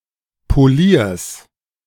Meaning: genitive singular of Polier
- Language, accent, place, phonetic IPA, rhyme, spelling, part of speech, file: German, Germany, Berlin, [poˈliːɐ̯s], -iːɐ̯s, Poliers, noun, De-Poliers.ogg